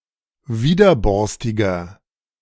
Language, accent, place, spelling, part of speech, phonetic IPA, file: German, Germany, Berlin, widerborstiger, adjective, [ˈviːdɐˌbɔʁstɪɡɐ], De-widerborstiger.ogg
- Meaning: 1. comparative degree of widerborstig 2. inflection of widerborstig: strong/mixed nominative masculine singular 3. inflection of widerborstig: strong genitive/dative feminine singular